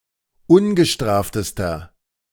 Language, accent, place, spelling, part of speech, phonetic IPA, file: German, Germany, Berlin, ungestraftester, adjective, [ˈʊnɡəˌʃtʁaːftəstɐ], De-ungestraftester.ogg
- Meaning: inflection of ungestraft: 1. strong/mixed nominative masculine singular superlative degree 2. strong genitive/dative feminine singular superlative degree 3. strong genitive plural superlative degree